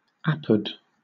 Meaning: Used in scholarly works to cite a reference at second hand
- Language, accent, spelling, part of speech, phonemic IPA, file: English, Southern England, apud, preposition, /ˈæpəd/, LL-Q1860 (eng)-apud.wav